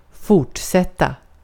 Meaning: to continue, to proceed
- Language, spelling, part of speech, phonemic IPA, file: Swedish, fortsätta, verb, /²fʊrtˌsɛtːa/, Sv-fortsätta.ogg